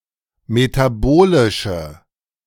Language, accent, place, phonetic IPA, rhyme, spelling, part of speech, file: German, Germany, Berlin, [metaˈboːlɪʃə], -oːlɪʃə, metabolische, adjective, De-metabolische.ogg
- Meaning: inflection of metabolisch: 1. strong/mixed nominative/accusative feminine singular 2. strong nominative/accusative plural 3. weak nominative all-gender singular